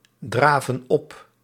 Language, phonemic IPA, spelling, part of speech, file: Dutch, /ˈdravə(n) ˈɔp/, draven op, verb, Nl-draven op.ogg
- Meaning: inflection of opdraven: 1. plural present indicative 2. plural present subjunctive